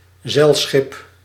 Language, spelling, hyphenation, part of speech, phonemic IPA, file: Dutch, zeilschip, zeil‧schip, noun, /ˈzɛi̯l.sxɪp/, Nl-zeilschip.ogg
- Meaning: a sailer, ship powered by wind blowing in its sail(s)